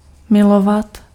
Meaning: 1. to love 2. to make love
- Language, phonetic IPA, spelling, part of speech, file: Czech, [ˈmɪlovat], milovat, verb, Cs-milovat.ogg